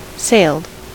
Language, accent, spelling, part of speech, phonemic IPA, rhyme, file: English, US, sailed, verb / adjective, /seɪld/, -eɪld, En-us-sailed.ogg
- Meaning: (verb) simple past and past participle of sail; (adjective) 1. Having a specified kind or number of sail 2. Having the sails set